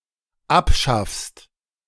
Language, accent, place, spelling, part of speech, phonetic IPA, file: German, Germany, Berlin, abschaffst, verb, [ˈapˌʃafst], De-abschaffst.ogg
- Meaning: second-person singular dependent present of abschaffen